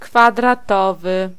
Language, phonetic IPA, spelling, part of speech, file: Polish, [ˌkfadraˈtɔvɨ], kwadratowy, adjective, Pl-kwadratowy.ogg